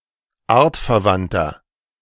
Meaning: inflection of artverwandt: 1. strong/mixed nominative masculine singular 2. strong genitive/dative feminine singular 3. strong genitive plural
- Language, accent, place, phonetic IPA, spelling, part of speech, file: German, Germany, Berlin, [ˈaːɐ̯tfɛɐ̯ˌvantɐ], artverwandter, adjective, De-artverwandter.ogg